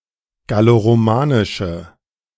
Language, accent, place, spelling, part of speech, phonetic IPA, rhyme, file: German, Germany, Berlin, galloromanische, adjective, [ɡaloʁoˈmaːnɪʃə], -aːnɪʃə, De-galloromanische.ogg
- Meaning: inflection of galloromanisch: 1. strong/mixed nominative/accusative feminine singular 2. strong nominative/accusative plural 3. weak nominative all-gender singular